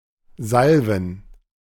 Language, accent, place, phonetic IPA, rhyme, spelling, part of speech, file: German, Germany, Berlin, [ˈzalvn̩], -alvn̩, Salven, noun, De-Salven.ogg
- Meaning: plural of Salve